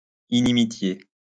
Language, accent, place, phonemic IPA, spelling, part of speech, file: French, France, Lyon, /i.ni.mi.tje/, inimitié, noun, LL-Q150 (fra)-inimitié.wav
- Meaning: enmity